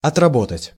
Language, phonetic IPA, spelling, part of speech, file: Russian, [ɐtrɐˈbotətʲ], отработать, verb, Ru-отработать.ogg
- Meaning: 1. to work off (usually a debt) 2. to work (for a certain period of time) 3. to improve, to polish up (through testing by identifying and eliminating flaws) 4. to complete, to perfect (a certain task)